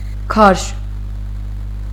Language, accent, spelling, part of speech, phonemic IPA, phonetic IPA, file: Armenian, Eastern Armenian, քարշ, noun, /kʰɑɾʃ/, [kʰɑɾʃ], Hy-քարշ.ogg
- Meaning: 1. the act of pulling or of being pulled (found mainly in set phrases) 2. traction